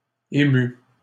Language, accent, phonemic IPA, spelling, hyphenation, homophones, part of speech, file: French, Canada, /e.my/, émue, é‧mue, ému / émues / émus, adjective, LL-Q150 (fra)-émue.wav
- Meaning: feminine singular of ému